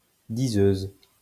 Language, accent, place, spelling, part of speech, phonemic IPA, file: French, France, Lyon, diseuse, noun, /di.zøz/, LL-Q150 (fra)-diseuse.wav
- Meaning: female equivalent of diseur